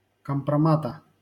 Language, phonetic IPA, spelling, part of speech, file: Russian, [kəmprɐˈmatə], компромата, noun, LL-Q7737 (rus)-компромата.wav
- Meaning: genitive singular of компрома́т (kompromát)